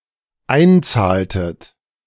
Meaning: inflection of einzahlen: 1. second-person plural dependent preterite 2. second-person plural dependent subjunctive II
- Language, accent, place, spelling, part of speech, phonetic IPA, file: German, Germany, Berlin, einzahltet, verb, [ˈaɪ̯nˌt͡saːltət], De-einzahltet.ogg